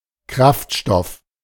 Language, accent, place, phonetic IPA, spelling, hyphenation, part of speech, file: German, Germany, Berlin, [ˈkʁaftˌʃtɔf], Kraftstoff, Kraft‧stoff, noun, De-Kraftstoff.ogg
- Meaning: fuel